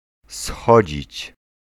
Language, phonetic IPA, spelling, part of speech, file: Polish, [ˈsxɔd͡ʑit͡ɕ], schodzić, verb, Pl-schodzić.ogg